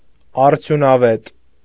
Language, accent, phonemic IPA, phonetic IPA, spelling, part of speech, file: Armenian, Eastern Armenian, /ɑɾtʰjunɑˈvet/, [ɑɾtʰjunɑvét], արդյունավետ, adjective, Hy-արդյունավետ.ogg
- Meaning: effective, productive